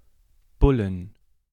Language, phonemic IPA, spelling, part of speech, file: German, /ˈbʊlən/, Bullen, noun, De-Bullen.ogg
- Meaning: 1. accusative singular of Bulle 2. genitive singular of Bulle 3. dative singular of Bulle 4. plural of Bulle